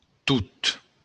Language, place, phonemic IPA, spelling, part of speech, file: Occitan, Béarn, /tut/, tot, adjective / pronoun, LL-Q14185 (oci)-tot.wav
- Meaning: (adjective) 1. all 2. each, every; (pronoun) everything